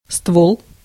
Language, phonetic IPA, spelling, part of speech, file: Russian, [stvoɫ], ствол, noun, Ru-ствол.ogg
- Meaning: 1. trunk, tree trunk 2. barrel (of a gun) 3. gun 4. a vertical part of a (coal) mine 5. shaft (of penis)